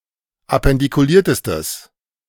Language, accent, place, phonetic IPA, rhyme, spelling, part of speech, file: German, Germany, Berlin, [apɛndikuˈliːɐ̯təstəs], -iːɐ̯təstəs, appendikuliertestes, adjective, De-appendikuliertestes.ogg
- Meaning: strong/mixed nominative/accusative neuter singular superlative degree of appendikuliert